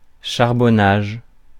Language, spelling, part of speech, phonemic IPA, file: French, charbonnage, noun, /ʃaʁ.bɔ.naʒ/, Fr-charbonnage.ogg
- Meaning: 1. coal mining 2. the coal mines of a region 3. coaling 4. dealing